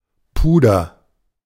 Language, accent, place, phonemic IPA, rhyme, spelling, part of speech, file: German, Germany, Berlin, /ˈpuːdɐ/, -uːdɐ, Puder, noun, De-Puder.ogg
- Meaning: powder (for cosmetic purposes)